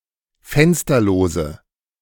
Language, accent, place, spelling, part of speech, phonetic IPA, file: German, Germany, Berlin, fensterlose, adjective, [ˈfɛnstɐloːzə], De-fensterlose.ogg
- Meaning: inflection of fensterlos: 1. strong/mixed nominative/accusative feminine singular 2. strong nominative/accusative plural 3. weak nominative all-gender singular